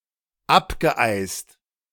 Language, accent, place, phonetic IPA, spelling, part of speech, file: German, Germany, Berlin, [ˈapɡəˌʔaɪ̯st], abgeeist, verb, De-abgeeist.ogg
- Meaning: past participle of abeisen